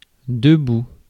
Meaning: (adverb) 1. standing, stood up, upright 2. awake; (interjection) 1. get up! 2. arise!
- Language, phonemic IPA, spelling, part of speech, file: French, /də.bu/, debout, adverb / interjection, Fr-debout.ogg